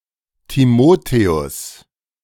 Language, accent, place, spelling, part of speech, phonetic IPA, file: German, Germany, Berlin, Timotheus, proper noun, [tiˈmoːteʊs], De-Timotheus.ogg
- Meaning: Timothy (biblical character)